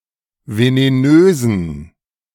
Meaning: inflection of venenös: 1. strong genitive masculine/neuter singular 2. weak/mixed genitive/dative all-gender singular 3. strong/weak/mixed accusative masculine singular 4. strong dative plural
- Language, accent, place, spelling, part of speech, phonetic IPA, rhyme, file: German, Germany, Berlin, venenösen, adjective, [veneˈnøːzn̩], -øːzn̩, De-venenösen.ogg